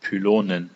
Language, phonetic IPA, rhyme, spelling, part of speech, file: German, [pyˈloːnən], -oːnən, Pylonen, noun, De-Pylonen.ogg
- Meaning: dative plural of Pylon